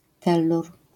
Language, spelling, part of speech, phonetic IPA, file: Polish, tellur, noun, [ˈtɛlːur], LL-Q809 (pol)-tellur.wav